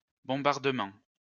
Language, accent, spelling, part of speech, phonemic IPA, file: French, France, bombardements, noun, /bɔ̃.baʁ.də.mɑ̃/, LL-Q150 (fra)-bombardements.wav
- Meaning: plural of bombardement